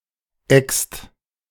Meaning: inflection of exen: 1. second/third-person singular present 2. second-person plural present 3. plural imperative
- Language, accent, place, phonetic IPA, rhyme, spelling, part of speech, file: German, Germany, Berlin, [ɛkst], -ɛkst, ext, verb, De-ext.ogg